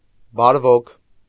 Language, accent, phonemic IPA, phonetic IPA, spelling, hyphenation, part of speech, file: Armenian, Eastern Armenian, /bɑɾˈvokʰ/, [bɑɾvókʰ], բարվոք, բար‧վոք, adjective / adverb, Hy-բարվոք.ogg
- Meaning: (adjective) good, problem-free, well-off; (adverb) well